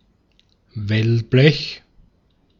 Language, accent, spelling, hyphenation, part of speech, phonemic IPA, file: German, Austria, Wellblech, Well‧blech, noun, /ˈvɛlˌblɛç/, De-at-Wellblech.ogg
- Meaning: corrugated iron